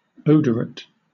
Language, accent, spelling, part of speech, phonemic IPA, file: English, Southern England, odorate, adjective / noun, /ˈəʊdəɹət/, LL-Q1860 (eng)-odorate.wav
- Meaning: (adjective) odorous; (noun) A fragrant substance; perfume